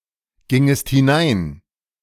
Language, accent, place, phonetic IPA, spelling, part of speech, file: German, Germany, Berlin, [ˌɡɪŋəst hɪˈnaɪ̯n], gingest hinein, verb, De-gingest hinein.ogg
- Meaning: second-person singular subjunctive II of hineingehen